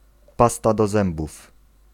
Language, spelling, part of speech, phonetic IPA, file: Polish, pasta do zębów, noun, [ˈpasta dɔ‿ˈzɛ̃mbuf], Pl-pasta do zębów.ogg